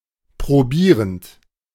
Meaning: present participle of probieren
- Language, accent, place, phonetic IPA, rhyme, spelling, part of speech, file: German, Germany, Berlin, [pʁoˈbiːʁənt], -iːʁənt, probierend, verb, De-probierend.ogg